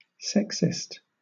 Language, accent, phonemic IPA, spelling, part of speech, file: English, Southern England, /ˈsɛksɪst/, sexist, adjective / noun, LL-Q1860 (eng)-sexist.wav
- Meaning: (adjective) Unfairly discriminatory against one sex in favour of the other; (noun) A person who discriminates on grounds of sex; someone who practises sexism